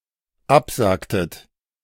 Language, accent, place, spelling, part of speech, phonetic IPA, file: German, Germany, Berlin, absagtet, verb, [ˈapˌzaːktət], De-absagtet.ogg
- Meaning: inflection of absagen: 1. second-person plural dependent preterite 2. second-person plural dependent subjunctive II